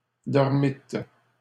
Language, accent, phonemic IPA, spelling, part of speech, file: French, Canada, /dɔʁ.mit/, dormîtes, verb, LL-Q150 (fra)-dormîtes.wav
- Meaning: second-person plural past historic of dormir